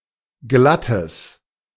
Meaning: strong/mixed nominative/accusative neuter singular of glatt
- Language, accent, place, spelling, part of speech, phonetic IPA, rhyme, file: German, Germany, Berlin, glattes, adjective, [ˈɡlatəs], -atəs, De-glattes.ogg